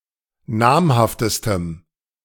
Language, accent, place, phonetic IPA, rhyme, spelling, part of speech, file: German, Germany, Berlin, [ˈnaːmhaftəstəm], -aːmhaftəstəm, namhaftestem, adjective, De-namhaftestem.ogg
- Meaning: strong dative masculine/neuter singular superlative degree of namhaft